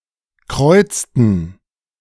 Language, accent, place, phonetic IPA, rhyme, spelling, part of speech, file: German, Germany, Berlin, [ˈkʁɔɪ̯t͡stn̩], -ɔɪ̯t͡stn̩, kreuzten, verb, De-kreuzten.ogg
- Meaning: inflection of kreuzen: 1. first/third-person plural preterite 2. first/third-person plural subjunctive II